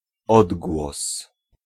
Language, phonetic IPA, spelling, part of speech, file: Polish, [ˈɔdɡwɔs], odgłos, noun, Pl-odgłos.ogg